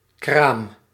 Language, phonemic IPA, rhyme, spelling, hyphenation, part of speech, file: Dutch, /kraːm/, -aːm, kraam, kraam, noun, Nl-kraam.ogg
- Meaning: 1. stall 2. childbirth 3. childbed